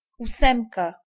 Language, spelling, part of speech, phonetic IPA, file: Polish, ósemka, noun, [uˈsɛ̃mka], Pl-ósemka.ogg